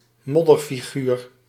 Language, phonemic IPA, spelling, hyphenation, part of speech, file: Dutch, /ˈmɔ.dər.fiˌɣyːr/, modderfiguur, mod‧der‧fi‧guur, noun, Nl-modderfiguur.ogg
- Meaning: 1. a silly, ridiculous character, mainly used in een modderfiguur slaan 2. a shape or symbol made in mud 3. a muddy creature